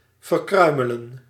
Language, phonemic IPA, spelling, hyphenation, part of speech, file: Dutch, /vərˈkrœymələ(n)/, verkruimelen, ver‧krui‧me‧len, verb, Nl-verkruimelen.ogg
- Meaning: to crumble